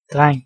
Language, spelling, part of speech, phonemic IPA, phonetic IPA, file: Danish, dreng, noun, /ˈdrɛŋˀ/, [ˈd̥ʁɑ̈ŋˀ], Da-dreng.ogg
- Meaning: boy, lad